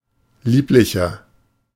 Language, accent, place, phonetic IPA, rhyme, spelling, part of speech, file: German, Germany, Berlin, [ˈliːplɪçɐ], -iːplɪçɐ, lieblicher, adjective, De-lieblicher.ogg
- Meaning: 1. comparative degree of lieblich 2. inflection of lieblich: strong/mixed nominative masculine singular 3. inflection of lieblich: strong genitive/dative feminine singular